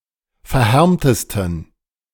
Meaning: 1. superlative degree of verhärmt 2. inflection of verhärmt: strong genitive masculine/neuter singular superlative degree
- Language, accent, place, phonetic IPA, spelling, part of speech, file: German, Germany, Berlin, [fɛɐ̯ˈhɛʁmtəstn̩], verhärmtesten, adjective, De-verhärmtesten.ogg